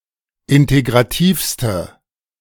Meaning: inflection of integrativ: 1. strong/mixed nominative/accusative feminine singular superlative degree 2. strong nominative/accusative plural superlative degree
- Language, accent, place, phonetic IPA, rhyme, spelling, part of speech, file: German, Germany, Berlin, [ˌɪnteɡʁaˈtiːfstə], -iːfstə, integrativste, adjective, De-integrativste.ogg